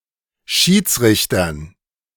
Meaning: dative plural of Schiedsrichter
- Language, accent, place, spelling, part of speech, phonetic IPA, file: German, Germany, Berlin, Schiedsrichtern, noun, [ˈʃiːt͡sˌʁɪçtɐn], De-Schiedsrichtern.ogg